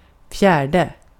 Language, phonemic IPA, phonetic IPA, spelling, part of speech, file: Swedish, /fjɛːrdɛ/, [ˈfjæːɖɛ̠], fjärde, numeral, Sv-fjärde.ogg
- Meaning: fourth